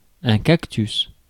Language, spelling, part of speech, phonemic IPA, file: French, cactus, noun, /kak.tys/, Fr-cactus.ogg
- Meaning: cactus